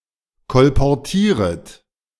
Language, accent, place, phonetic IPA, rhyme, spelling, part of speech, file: German, Germany, Berlin, [kɔlpɔʁˈtiːʁət], -iːʁət, kolportieret, verb, De-kolportieret.ogg
- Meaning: second-person plural subjunctive I of kolportieren